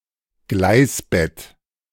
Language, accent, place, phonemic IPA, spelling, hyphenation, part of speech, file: German, Germany, Berlin, /ˈɡlaɪ̯sˌbɛt/, Gleisbett, Gleis‧bett, noun, De-Gleisbett.ogg
- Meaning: trackbed